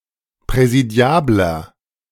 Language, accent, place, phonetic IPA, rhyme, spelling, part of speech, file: German, Germany, Berlin, [pʁɛziˈdi̯aːblɐ], -aːblɐ, präsidiabler, adjective, De-präsidiabler.ogg
- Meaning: 1. comparative degree of präsidiabel 2. inflection of präsidiabel: strong/mixed nominative masculine singular 3. inflection of präsidiabel: strong genitive/dative feminine singular